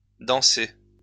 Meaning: past participle of danser
- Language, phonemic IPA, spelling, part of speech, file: French, /dɑ̃.se/, dansé, verb, LL-Q150 (fra)-dansé.wav